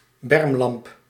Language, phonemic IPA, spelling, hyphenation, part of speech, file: Dutch, /ˈbɛrmlɑmp/, bermlamp, berm‧lamp, noun, Nl-bermlamp.ogg
- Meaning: lamp on the side of a car to light the side of the road